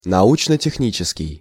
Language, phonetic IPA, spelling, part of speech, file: Russian, [nɐˌut͡ɕnə tʲɪxˈnʲit͡ɕɪskʲɪj], научно-технический, adjective, Ru-научно-технический.ogg
- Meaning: scientific and technical